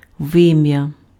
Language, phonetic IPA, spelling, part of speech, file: Ukrainian, [ˈʋɪmjɐ], вим'я, noun, Uk-вим'я.ogg
- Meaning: udder